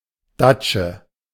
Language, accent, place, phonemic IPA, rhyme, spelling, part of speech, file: German, Germany, Berlin, /ˈdatʃə/, -at͡ʃə, Datsche, noun, De-Datsche.ogg
- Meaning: 1. dacha 2. general word for garden house, garden with a small summerhouse